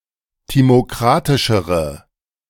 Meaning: inflection of timokratisch: 1. strong/mixed nominative/accusative feminine singular comparative degree 2. strong nominative/accusative plural comparative degree
- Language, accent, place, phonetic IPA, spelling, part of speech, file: German, Germany, Berlin, [ˌtimoˈkʁatɪʃəʁə], timokratischere, adjective, De-timokratischere.ogg